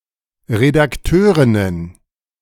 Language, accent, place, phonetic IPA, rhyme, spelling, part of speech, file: German, Germany, Berlin, [ʁedakˈtøːʁɪnən], -øːʁɪnən, Redakteurinnen, noun, De-Redakteurinnen.ogg
- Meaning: plural of Redakteurin